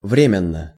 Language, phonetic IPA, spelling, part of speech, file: Russian, [ˈvrʲemʲɪn(ː)ə], временно, adverb / adjective, Ru-временно.ogg
- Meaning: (adverb) temporarily; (adjective) short neuter singular of вре́менный (vrémennyj)